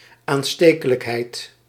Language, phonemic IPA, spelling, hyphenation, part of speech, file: Dutch, /aːnˈsteː.kə.ləkˌɦɛi̯t/, aanstekelijkheid, aan‧ste‧ke‧lijk‧heid, noun, Nl-aanstekelijkheid.ogg
- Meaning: contagiousness